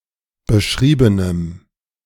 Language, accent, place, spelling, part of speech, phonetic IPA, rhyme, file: German, Germany, Berlin, beschriebenem, adjective, [bəˈʃʁiːbənəm], -iːbənəm, De-beschriebenem.ogg
- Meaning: strong dative masculine/neuter singular of beschrieben